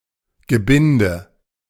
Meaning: 1. package, bundle 2. wreath
- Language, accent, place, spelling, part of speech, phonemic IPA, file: German, Germany, Berlin, Gebinde, noun, /ɡəˈbɪndə/, De-Gebinde.ogg